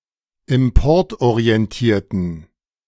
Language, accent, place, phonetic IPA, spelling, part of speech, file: German, Germany, Berlin, [ɪmˈpɔʁtʔoʁiɛnˌtiːɐ̯tn̩], importorientierten, adjective, De-importorientierten.ogg
- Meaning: inflection of importorientiert: 1. strong genitive masculine/neuter singular 2. weak/mixed genitive/dative all-gender singular 3. strong/weak/mixed accusative masculine singular